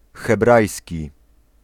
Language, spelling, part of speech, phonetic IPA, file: Polish, hebrajski, adjective / noun, [xɛˈbrajsʲci], Pl-hebrajski.ogg